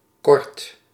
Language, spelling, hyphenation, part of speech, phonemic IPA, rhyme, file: Dutch, kort, kort, adjective / verb, /kɔrt/, -ɔrt, Nl-kort.ogg
- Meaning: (adjective) short; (verb) inflection of korten: 1. first/second/third-person singular present indicative 2. imperative